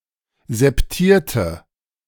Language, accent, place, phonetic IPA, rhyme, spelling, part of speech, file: German, Germany, Berlin, [zɛpˈtiːɐ̯tə], -iːɐ̯tə, septierte, adjective, De-septierte.ogg
- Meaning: inflection of septiert: 1. strong/mixed nominative/accusative feminine singular 2. strong nominative/accusative plural 3. weak nominative all-gender singular